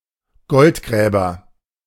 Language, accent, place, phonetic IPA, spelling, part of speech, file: German, Germany, Berlin, [ˈɡɔltˌɡʁɛːbɐ], Goldgräber, noun, De-Goldgräber.ogg
- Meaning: gold digger